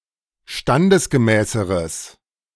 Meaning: strong/mixed nominative/accusative neuter singular comparative degree of standesgemäß
- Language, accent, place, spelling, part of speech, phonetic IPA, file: German, Germany, Berlin, standesgemäßeres, adjective, [ˈʃtandəsɡəˌmɛːsəʁəs], De-standesgemäßeres.ogg